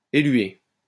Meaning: to elute
- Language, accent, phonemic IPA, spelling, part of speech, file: French, France, /e.lɥe/, éluer, verb, LL-Q150 (fra)-éluer.wav